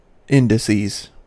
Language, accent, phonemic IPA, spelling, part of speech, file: English, US, /ˈɪndɪˌsiz/, indices, noun, En-us-indices.ogg
- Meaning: plural of index